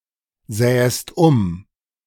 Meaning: second-person singular subjunctive II of umsehen
- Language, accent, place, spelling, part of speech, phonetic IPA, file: German, Germany, Berlin, sähest um, verb, [ˌzɛːəst ˈʊm], De-sähest um.ogg